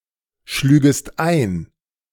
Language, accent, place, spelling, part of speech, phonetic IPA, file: German, Germany, Berlin, schlügest ein, verb, [ˌʃlyːɡəst ˈaɪ̯n], De-schlügest ein.ogg
- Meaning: second-person singular subjunctive I of einschlagen